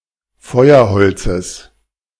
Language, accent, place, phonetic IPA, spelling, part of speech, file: German, Germany, Berlin, [ˈfɔɪ̯ɐˌhɔlt͡səs], Feuerholzes, noun, De-Feuerholzes.ogg
- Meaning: genitive singular of Feuerholz